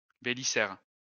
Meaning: Belisarius (a general of the Byzantine Empire)
- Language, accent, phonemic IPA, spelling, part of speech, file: French, France, /be.li.zɛʁ/, Bélisaire, proper noun, LL-Q150 (fra)-Bélisaire.wav